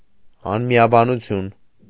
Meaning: discord, contention, disagreement
- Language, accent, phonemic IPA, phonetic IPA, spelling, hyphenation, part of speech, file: Armenian, Eastern Armenian, /ɑnmiɑbɑnuˈtʰjun/, [ɑnmi(j)ɑbɑnut͡sʰjún], անմիաբանություն, ան‧մի‧ա‧բա‧նու‧թյուն, noun, Hy-անմիաբանություն.ogg